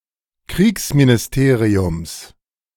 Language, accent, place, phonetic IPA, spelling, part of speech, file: German, Germany, Berlin, [ˈkʁiːksminɪsˌteːʁiʊms], Kriegsministeriums, noun, De-Kriegsministeriums.ogg
- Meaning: genitive of Kriegsministerium